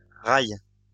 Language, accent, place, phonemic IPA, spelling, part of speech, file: French, France, Lyon, /ʁaj/, rails, noun, LL-Q150 (fra)-rails.wav
- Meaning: plural of rail